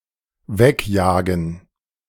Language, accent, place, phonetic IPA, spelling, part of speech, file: German, Germany, Berlin, [ˈvɛkˌjaːɡn̩], wegjagen, verb, De-wegjagen.ogg
- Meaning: to chase away, to chase off, to drive away